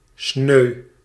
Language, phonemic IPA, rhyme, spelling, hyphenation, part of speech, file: Dutch, /snøː/, -øː, sneu, sneu, adjective / adverb / noun, Nl-sneu.ogg
- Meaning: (adjective) 1. pitiful, pathetic, sad 2. disappointed; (noun) any of the branch lines with baited hooks off a longline ("beug"); snood, gangion